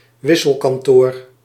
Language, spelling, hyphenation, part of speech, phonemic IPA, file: Dutch, wisselkantoor, wis‧sel‧kan‧toor, noun, /ˈʋɪsəlkɑnˌtoːr/, Nl-wisselkantoor.ogg
- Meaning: bureau de change, currency exchange (exchange bureau)